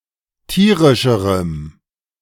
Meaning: strong dative masculine/neuter singular comparative degree of tierisch
- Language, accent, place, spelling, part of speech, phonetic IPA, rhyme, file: German, Germany, Berlin, tierischerem, adjective, [ˈtiːʁɪʃəʁəm], -iːʁɪʃəʁəm, De-tierischerem.ogg